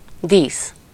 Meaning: ornament, decoration
- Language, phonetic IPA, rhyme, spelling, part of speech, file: Hungarian, [ˈdiːs], -iːs, dísz, noun, Hu-dísz.ogg